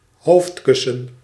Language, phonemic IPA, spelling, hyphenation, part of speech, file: Dutch, /ˈɦoːftˌkʏ.sə(n)/, hoofdkussen, hoofd‧kus‧sen, noun, Nl-hoofdkussen.ogg
- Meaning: pillow